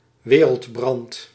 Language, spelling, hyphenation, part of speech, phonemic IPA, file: Dutch, wereldbrand, we‧reld‧brand, noun, /ˈʋeː.rəltˌbrɑnt/, Nl-wereldbrand.ogg
- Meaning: 1. conflagration, cyclical or eschatological destruction of the world through fire 2. any large fire 3. world war, world-scale conflict